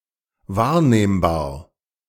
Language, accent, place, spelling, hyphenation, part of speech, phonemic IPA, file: German, Germany, Berlin, wahrnehmbar, wahr‧nehm‧bar, adjective, /ˈvaːɐ̯neːmbaːɐ̯/, De-wahrnehmbar.ogg
- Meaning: noticeable, observable, perceptible, perceivable